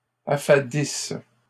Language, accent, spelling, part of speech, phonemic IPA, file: French, Canada, affadisse, verb, /a.fa.dis/, LL-Q150 (fra)-affadisse.wav
- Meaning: inflection of affadir: 1. first/third-person singular present subjunctive 2. first-person singular imperfect subjunctive